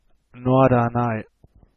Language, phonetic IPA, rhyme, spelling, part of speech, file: German, [ˌnɔɐ̯dɐˈnaɪ̯], -aɪ̯, Norderney, proper noun, De-Norderney.ogg
- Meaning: an island in the Aurich district, Lower Saxony, one of the seven populated East Frisian Islands off the North Sea coast of Germany